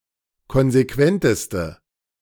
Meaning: inflection of konsequent: 1. strong/mixed nominative/accusative feminine singular superlative degree 2. strong nominative/accusative plural superlative degree
- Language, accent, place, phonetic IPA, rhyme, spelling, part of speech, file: German, Germany, Berlin, [ˌkɔnzeˈkvɛntəstə], -ɛntəstə, konsequenteste, adjective, De-konsequenteste.ogg